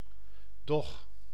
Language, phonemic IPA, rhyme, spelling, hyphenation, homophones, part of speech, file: Dutch, /dɔx/, -ɔx, dog, dog, doch, noun, Nl-dog.ogg
- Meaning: a large dog, especially one of certain breeds